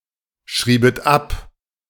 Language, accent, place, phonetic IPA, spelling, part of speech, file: German, Germany, Berlin, [ˌʃʁiːbət ˈap], schriebet ab, verb, De-schriebet ab.ogg
- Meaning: second-person plural subjunctive II of abschreiben